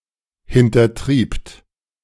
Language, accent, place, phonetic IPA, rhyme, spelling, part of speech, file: German, Germany, Berlin, [hɪntɐˈtʁiːpt], -iːpt, hintertriebt, verb, De-hintertriebt.ogg
- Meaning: second-person plural preterite of hintertreiben